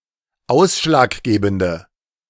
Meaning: inflection of ausschlaggebend: 1. strong/mixed nominative/accusative feminine singular 2. strong nominative/accusative plural 3. weak nominative all-gender singular
- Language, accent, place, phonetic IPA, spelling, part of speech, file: German, Germany, Berlin, [ˈaʊ̯sʃlaːkˌɡeːbn̩də], ausschlaggebende, adjective, De-ausschlaggebende.ogg